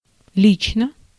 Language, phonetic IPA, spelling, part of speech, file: Russian, [ˈlʲit͡ɕnə], лично, adverb / adjective, Ru-лично.ogg
- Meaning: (adverb) personally, in person; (adjective) short neuter singular of ли́чный (líčnyj)